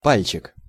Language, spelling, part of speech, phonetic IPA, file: Russian, пальчик, noun, [ˈpalʲt͡ɕɪk], Ru-пальчик.ogg
- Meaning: diminutive of па́лец (pálec): (small) finger, toe